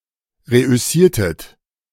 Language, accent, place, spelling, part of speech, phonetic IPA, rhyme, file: German, Germany, Berlin, reüssiertet, verb, [ˌʁeʔʏˈsiːɐ̯tət], -iːɐ̯tət, De-reüssiertet.ogg
- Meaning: inflection of reüssieren: 1. second-person plural preterite 2. second-person plural subjunctive II